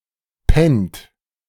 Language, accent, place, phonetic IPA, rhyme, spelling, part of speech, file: German, Germany, Berlin, [pɛnt], -ɛnt, pennt, verb, De-pennt.ogg
- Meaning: inflection of pennen: 1. second-person plural present 2. third-person singular present 3. plural imperative